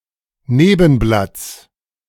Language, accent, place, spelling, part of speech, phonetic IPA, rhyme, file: German, Germany, Berlin, Nebenblatts, noun, [ˈneːbn̩blat͡s], -eːbn̩blat͡s, De-Nebenblatts.ogg
- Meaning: genitive singular of Nebenblatt